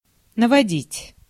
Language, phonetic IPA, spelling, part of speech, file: Russian, [nəvɐˈdʲitʲ], наводить, verb, Ru-наводить.ogg
- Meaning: 1. to direct (at), to aim (at), to point (at) 2. to cover, to coat, to apply 3. to introduce, bring, produce, make, cause